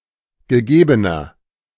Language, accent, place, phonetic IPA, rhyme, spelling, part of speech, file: German, Germany, Berlin, [ɡəˈɡeːbənɐ], -eːbənɐ, gegebener, adjective, De-gegebener.ogg
- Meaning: inflection of gegeben: 1. strong/mixed nominative masculine singular 2. strong genitive/dative feminine singular 3. strong genitive plural